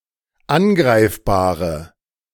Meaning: inflection of angreifbar: 1. strong/mixed nominative/accusative feminine singular 2. strong nominative/accusative plural 3. weak nominative all-gender singular
- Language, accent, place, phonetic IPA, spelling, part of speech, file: German, Germany, Berlin, [ˈanˌɡʁaɪ̯fbaːʁə], angreifbare, adjective, De-angreifbare.ogg